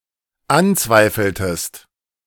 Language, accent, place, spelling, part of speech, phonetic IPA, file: German, Germany, Berlin, anzweifeltest, verb, [ˈanˌt͡svaɪ̯fl̩təst], De-anzweifeltest.ogg
- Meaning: inflection of anzweifeln: 1. second-person singular dependent preterite 2. second-person singular dependent subjunctive II